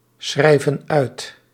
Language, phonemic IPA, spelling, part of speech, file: Dutch, /ˈsxrɛivə(n) ˈœyt/, schrijven uit, verb, Nl-schrijven uit.ogg
- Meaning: inflection of uitschrijven: 1. plural present indicative 2. plural present subjunctive